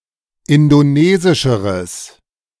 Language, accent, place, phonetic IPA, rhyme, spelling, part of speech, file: German, Germany, Berlin, [ˌɪndoˈneːzɪʃəʁəs], -eːzɪʃəʁəs, indonesischeres, adjective, De-indonesischeres.ogg
- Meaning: strong/mixed nominative/accusative neuter singular comparative degree of indonesisch